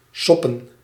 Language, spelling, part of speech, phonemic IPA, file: Dutch, soppen, verb / noun, /ˈsɔpə(n)/, Nl-soppen.ogg
- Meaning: plural of sop